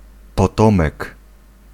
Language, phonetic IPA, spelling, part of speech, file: Polish, [pɔˈtɔ̃mɛk], potomek, noun, Pl-potomek.ogg